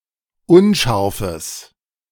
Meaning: strong/mixed nominative/accusative neuter singular of unscharf
- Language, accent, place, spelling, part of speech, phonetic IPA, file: German, Germany, Berlin, unscharfes, adjective, [ˈʊnˌʃaʁfəs], De-unscharfes.ogg